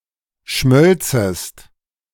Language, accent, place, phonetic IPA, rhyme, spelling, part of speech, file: German, Germany, Berlin, [ˈʃmœlt͡səst], -œlt͡səst, schmölzest, verb, De-schmölzest.ogg
- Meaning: second-person singular subjunctive II of schmelzen